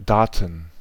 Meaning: data, plural of Datum (“piece of information”)
- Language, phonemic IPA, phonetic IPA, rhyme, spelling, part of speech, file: German, /ˈdaːt(ə)n/, [ˈdaːtn̩], -aːtn̩, Daten, noun, De-Daten.ogg